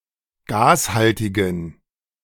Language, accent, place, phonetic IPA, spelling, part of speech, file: German, Germany, Berlin, [ˈɡaːsˌhaltɪɡn̩], gashaltigen, adjective, De-gashaltigen.ogg
- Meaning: inflection of gashaltig: 1. strong genitive masculine/neuter singular 2. weak/mixed genitive/dative all-gender singular 3. strong/weak/mixed accusative masculine singular 4. strong dative plural